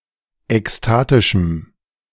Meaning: strong dative masculine/neuter singular of ekstatisch
- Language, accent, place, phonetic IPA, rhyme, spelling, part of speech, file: German, Germany, Berlin, [ɛksˈtaːtɪʃm̩], -aːtɪʃm̩, ekstatischem, adjective, De-ekstatischem.ogg